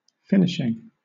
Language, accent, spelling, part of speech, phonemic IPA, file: English, Southern England, finishing, verb / noun, /ˈfɪnɪʃɪŋ/, LL-Q1860 (eng)-finishing.wav
- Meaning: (verb) present participle and gerund of finish; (noun) 1. The act of completing something 2. Shooting ability 3. The final work upon or ornamentation of a thing; finish